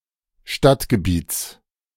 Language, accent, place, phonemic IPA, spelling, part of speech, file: German, Germany, Berlin, /ˈʃtatɡəˌbiːts/, Stadtgebiets, noun, De-Stadtgebiets.ogg
- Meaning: genitive singular of Stadtgebiet